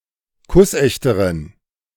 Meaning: inflection of kussecht: 1. strong genitive masculine/neuter singular comparative degree 2. weak/mixed genitive/dative all-gender singular comparative degree
- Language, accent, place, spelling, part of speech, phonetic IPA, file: German, Germany, Berlin, kussechteren, adjective, [ˈkʊsˌʔɛçtəʁən], De-kussechteren.ogg